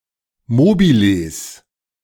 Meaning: plural of Mobile
- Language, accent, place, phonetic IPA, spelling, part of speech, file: German, Germany, Berlin, [ˈmoːbiləs], Mobiles, noun, De-Mobiles.ogg